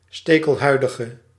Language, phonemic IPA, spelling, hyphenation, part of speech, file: Dutch, /ˌsteː.kəlˈɦœy̯.də.ɣə/, stekelhuidige, ste‧kel‧hui‧di‧ge, noun / adjective, Nl-stekelhuidige.ogg
- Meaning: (noun) echinoderm, any member of the phylum Echinodermata; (adjective) inflection of stekelhuidig: 1. masculine/feminine singular attributive 2. definite neuter singular attributive